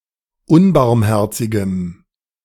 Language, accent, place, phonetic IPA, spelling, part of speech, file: German, Germany, Berlin, [ˈʊnbaʁmˌhɛʁt͡sɪɡəm], unbarmherzigem, adjective, De-unbarmherzigem.ogg
- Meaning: strong dative masculine/neuter singular of unbarmherzig